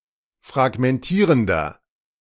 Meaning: inflection of fragmentierend: 1. strong/mixed nominative masculine singular 2. strong genitive/dative feminine singular 3. strong genitive plural
- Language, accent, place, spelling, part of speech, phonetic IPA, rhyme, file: German, Germany, Berlin, fragmentierender, adjective, [fʁaɡmɛnˈtiːʁəndɐ], -iːʁəndɐ, De-fragmentierender.ogg